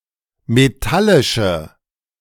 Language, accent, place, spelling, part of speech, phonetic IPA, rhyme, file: German, Germany, Berlin, metallische, adjective, [meˈtalɪʃə], -alɪʃə, De-metallische.ogg
- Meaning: inflection of metallisch: 1. strong/mixed nominative/accusative feminine singular 2. strong nominative/accusative plural 3. weak nominative all-gender singular